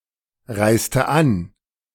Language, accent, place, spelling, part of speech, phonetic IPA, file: German, Germany, Berlin, reiste an, verb, [ˌʁaɪ̯stə ˈan], De-reiste an.ogg
- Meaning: inflection of anreisen: 1. first/third-person singular preterite 2. first/third-person singular subjunctive II